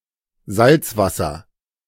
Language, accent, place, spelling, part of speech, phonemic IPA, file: German, Germany, Berlin, Salzwasser, noun, /ˈzaltsvasɐ/, De-Salzwasser.ogg
- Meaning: salt water